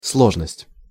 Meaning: complexity, complicacy, complication, difficulty
- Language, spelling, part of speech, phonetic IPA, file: Russian, сложность, noun, [ˈsɫoʐnəsʲtʲ], Ru-сложность.ogg